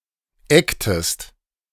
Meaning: inflection of eggen: 1. second-person singular preterite 2. second-person singular subjunctive II
- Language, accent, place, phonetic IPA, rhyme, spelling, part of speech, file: German, Germany, Berlin, [ˈɛktəst], -ɛktəst, eggtest, verb, De-eggtest.ogg